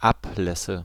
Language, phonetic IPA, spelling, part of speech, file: German, [ˈapˌlɛsə], Ablässe, noun, De-Ablässe.ogg
- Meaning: nominative/accusative/genitive plural of Ablass